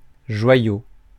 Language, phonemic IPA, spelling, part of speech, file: French, /ʒwa.jo/, joyau, noun, Fr-joyau.ogg
- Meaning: jewel (valuable object for ornamentation)